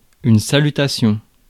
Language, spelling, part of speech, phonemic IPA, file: French, salutation, noun, /sa.ly.ta.sjɔ̃/, Fr-salutation.ogg
- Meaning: 1. greeting 2. valediction, complimentary close